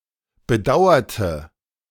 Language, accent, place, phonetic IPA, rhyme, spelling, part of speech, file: German, Germany, Berlin, [bəˈdaʊ̯ɐtə], -aʊ̯ɐtə, bedauerte, adjective / verb, De-bedauerte.ogg
- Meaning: inflection of bedauern: 1. first/third-person singular preterite 2. first/third-person singular subjunctive II